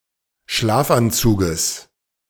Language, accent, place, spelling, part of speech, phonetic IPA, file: German, Germany, Berlin, Schlafanzuges, noun, [ˈʃlaːfʔanˌt͡suːɡəs], De-Schlafanzuges.ogg
- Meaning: genitive singular of Schlafanzug